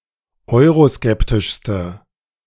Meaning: inflection of euroskeptisch: 1. strong/mixed nominative/accusative feminine singular superlative degree 2. strong nominative/accusative plural superlative degree
- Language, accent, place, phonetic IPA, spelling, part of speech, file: German, Germany, Berlin, [ˈɔɪ̯ʁoˌskɛptɪʃstə], euroskeptischste, adjective, De-euroskeptischste.ogg